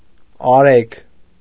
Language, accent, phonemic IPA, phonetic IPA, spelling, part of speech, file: Armenian, Eastern Armenian, /ɑˈɾeɡ/, [ɑɾéɡ], արեգ, noun, Hy-արեգ1.ogg
- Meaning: 1. the sun 2. the eighth month of the Armenian calendar